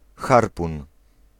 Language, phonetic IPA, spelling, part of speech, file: Polish, [ˈxarpũn], harpun, noun, Pl-harpun.ogg